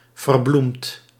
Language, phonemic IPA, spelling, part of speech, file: Dutch, /vərˈblumt/, verbloemd, verb / adjective, Nl-verbloemd.ogg
- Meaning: past participle of verbloemen